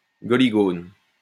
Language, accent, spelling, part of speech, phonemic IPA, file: French, France, golygone, noun, /ɡɔ.li.ɡɔn/, LL-Q150 (fra)-golygone.wav
- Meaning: golygon